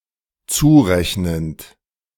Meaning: present participle of zurechnen
- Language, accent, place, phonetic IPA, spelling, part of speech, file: German, Germany, Berlin, [ˈt͡suːˌʁɛçnənt], zurechnend, verb, De-zurechnend.ogg